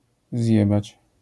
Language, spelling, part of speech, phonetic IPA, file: Polish, zjebać, verb, [ˈzʲjɛbat͡ɕ], LL-Q809 (pol)-zjebać.wav